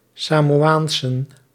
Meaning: plural of Samoaanse
- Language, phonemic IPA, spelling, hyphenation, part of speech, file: Dutch, /saːmoːˈaːnsə(n)/, Samoaansen, Sa‧mo‧aan‧sen, noun, Nl-Samoaansen.ogg